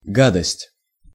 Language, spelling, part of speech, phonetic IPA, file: Russian, гадость, noun, [ˈɡadəsʲtʲ], Ru-гадость.ogg
- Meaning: abomination (something abominable)